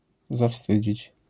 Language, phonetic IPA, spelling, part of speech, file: Polish, [zaˈfstɨd͡ʑit͡ɕ], zawstydzić, verb, LL-Q809 (pol)-zawstydzić.wav